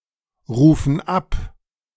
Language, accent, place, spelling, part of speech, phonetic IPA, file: German, Germany, Berlin, rufen ab, verb, [ˌʁuːfn̩ ˈap], De-rufen ab.ogg
- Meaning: inflection of abrufen: 1. first/third-person plural present 2. first/third-person plural subjunctive I